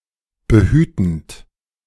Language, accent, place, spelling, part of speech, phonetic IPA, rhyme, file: German, Germany, Berlin, behütend, verb, [bəˈhyːtn̩t], -yːtn̩t, De-behütend.ogg
- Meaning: present participle of behüten